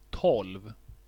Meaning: twelve
- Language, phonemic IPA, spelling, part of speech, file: Swedish, /tɔlv/, tolv, numeral, Sv-tolv.ogg